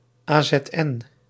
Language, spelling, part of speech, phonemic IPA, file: Dutch, AZN, proper noun, /aː.zɛtˈɛn/, Nl-AZN.ogg
- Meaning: abbreviation of Algemeen Zuid-Nederlands (“Belgian Standard Dutch”)